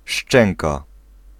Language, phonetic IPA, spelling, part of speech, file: Polish, [ˈʃt͡ʃɛ̃ŋka], szczęka, noun / verb, Pl-szczęka.ogg